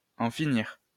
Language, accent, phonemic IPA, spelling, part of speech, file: French, France, /ɑ̃ fi.niʁ/, en finir, verb, LL-Q150 (fra)-en finir.wav
- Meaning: 1. to put an end to something, usually something unpleasant 2. to get rid of someone, to kill someone 3. to commit suicide